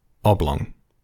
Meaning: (adjective) 1. Having a length and width that are different; not square or circular 2. Roughly rectangular or elliptical
- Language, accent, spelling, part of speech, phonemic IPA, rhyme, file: English, UK, oblong, adjective / noun / verb, /ˈɒblɒŋ/, -ɒŋ, En-GB-oblong.ogg